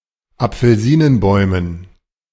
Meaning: dative plural of Apfelsinenbaum
- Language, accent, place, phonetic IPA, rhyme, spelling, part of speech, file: German, Germany, Berlin, [ap͡fl̩ˈziːnənˌbɔɪ̯mən], -iːnənbɔɪ̯mən, Apfelsinenbäumen, noun, De-Apfelsinenbäumen.ogg